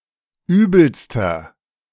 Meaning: inflection of übel: 1. strong/mixed nominative masculine singular superlative degree 2. strong genitive/dative feminine singular superlative degree 3. strong genitive plural superlative degree
- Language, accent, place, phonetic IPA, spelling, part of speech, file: German, Germany, Berlin, [ˈyːbl̩stɐ], übelster, adjective, De-übelster.ogg